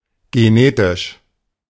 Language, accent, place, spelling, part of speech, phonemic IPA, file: German, Germany, Berlin, genetisch, adjective, /ɡeˈneːtɪʃ/, De-genetisch.ogg
- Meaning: genetic